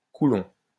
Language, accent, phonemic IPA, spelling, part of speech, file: French, France, /ku.lɔ̃/, coulomb, noun, LL-Q150 (fra)-coulomb.wav
- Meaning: coulomb